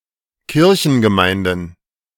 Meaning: plural of Kirchengemeinde
- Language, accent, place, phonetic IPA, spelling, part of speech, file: German, Germany, Berlin, [ˈkɪʁçn̩ɡəˌmaɪ̯ndn̩], Kirchengemeinden, noun, De-Kirchengemeinden.ogg